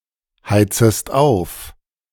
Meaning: second-person singular subjunctive I of aufheizen
- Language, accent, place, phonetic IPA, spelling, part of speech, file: German, Germany, Berlin, [ˌhaɪ̯t͡səst ˈaʊ̯f], heizest auf, verb, De-heizest auf.ogg